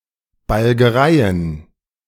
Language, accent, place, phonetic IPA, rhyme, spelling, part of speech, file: German, Germany, Berlin, [balɡəˈʁaɪ̯ən], -aɪ̯ən, Balgereien, noun, De-Balgereien.ogg
- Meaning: plural of Balgerei